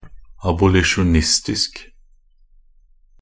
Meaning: 1. of or related to an abolitionist 2. abolitionist (in favor of the abolition of slavery)
- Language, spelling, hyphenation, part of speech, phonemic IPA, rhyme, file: Norwegian Bokmål, abolisjonistisk, ab‧o‧li‧sjon‧ist‧isk, adjective, /abʊlɪʃʊnˈɪstɪsk/, -ɪsk, Nb-abolisjonistisk.ogg